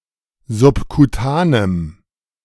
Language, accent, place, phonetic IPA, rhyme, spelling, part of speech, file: German, Germany, Berlin, [zʊpkuˈtaːnəm], -aːnəm, subkutanem, adjective, De-subkutanem.ogg
- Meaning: strong dative masculine/neuter singular of subkutan